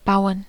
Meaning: 1. to build, to construct 2. to rely 3. to roll (a joint) 4. to cause (something bad)
- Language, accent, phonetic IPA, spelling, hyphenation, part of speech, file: German, Germany, [ˈbaʊ̯n], bauen, bau‧en, verb, De-bauen.ogg